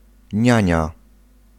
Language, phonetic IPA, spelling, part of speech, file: Polish, [ˈɲä̃ɲa], niania, noun, Pl-niania.ogg